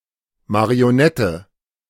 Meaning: 1. marionette, puppet (puppet which is animated by the pulling of strings) 2. puppet (person, country, etc, controlled by another)
- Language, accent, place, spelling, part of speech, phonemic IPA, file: German, Germany, Berlin, Marionette, noun, /mari̯oˈnɛtə/, De-Marionette.ogg